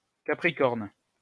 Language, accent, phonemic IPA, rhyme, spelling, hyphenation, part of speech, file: French, France, /ka.pʁi.kɔʁn/, -ɔʁn, Capricorne, Ca‧pri‧corne, noun / proper noun, LL-Q150 (fra)-Capricorne.wav
- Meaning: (noun) Capricorn (someone born with a Capricorn star sign); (proper noun) 1. Capricorn (constellation) 2. Capricorn (star sign)